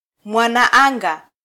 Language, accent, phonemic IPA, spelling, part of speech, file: Swahili, Kenya, /mʷɑ.nɑˈɑ.ᵑɡɑ/, mwanaanga, noun, Sw-ke-mwanaanga.flac
- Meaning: astronaut; cosmonaut